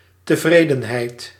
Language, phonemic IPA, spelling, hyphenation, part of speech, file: Dutch, /təˈvreːdə(n).ɦɛi̯t/, tevredenheid, te‧vre‧den‧heid, noun, Nl-tevredenheid.ogg
- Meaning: satisfaction, contentment